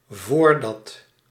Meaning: before
- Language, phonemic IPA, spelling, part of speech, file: Dutch, /ˈvordɑt/, voordat, conjunction, Nl-voordat.ogg